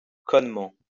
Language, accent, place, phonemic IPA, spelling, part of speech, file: French, France, Lyon, /kɔn.mɑ̃/, connement, adverb, LL-Q150 (fra)-connement.wav
- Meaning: in a fucking stupid way